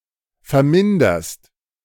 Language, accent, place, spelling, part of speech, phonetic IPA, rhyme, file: German, Germany, Berlin, verminderst, verb, [fɛɐ̯ˈmɪndɐst], -ɪndɐst, De-verminderst.ogg
- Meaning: second-person singular present of vermindern